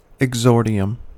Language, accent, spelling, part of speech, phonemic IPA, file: English, US, exordium, noun, /ɛɡˈzɔɹdɪəm/, En-us-exordium.ogg
- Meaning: 1. A beginning 2. The introduction to an essay or discourse